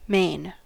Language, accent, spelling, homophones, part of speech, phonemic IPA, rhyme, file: English, US, Maine, main / mane, proper noun, /meɪn/, -eɪn, En-us-Maine.ogg
- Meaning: 1. A former province of Pays de la Loire, France. Capital: Le Mans 2. A state of the United States; probably named for the province in France. Capital: Augusta. Largest city: Portland